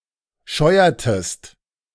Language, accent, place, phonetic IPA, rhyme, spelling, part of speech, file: German, Germany, Berlin, [ˈʃɔɪ̯ɐtəst], -ɔɪ̯ɐtəst, scheuertest, verb, De-scheuertest.ogg
- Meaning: inflection of scheuern: 1. second-person singular preterite 2. second-person singular subjunctive II